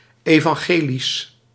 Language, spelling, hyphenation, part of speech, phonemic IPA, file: Dutch, evangelisch, evan‧ge‧lisch, adjective, /ˌeː.vɑŋˈɣeː.lis/, Nl-evangelisch.ogg
- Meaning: 1. evangelical, pertaining to the gospels 2. evangelical, pertaining to evangelicalism 3. evangelical, Lutheran, pertaining to Lutheranism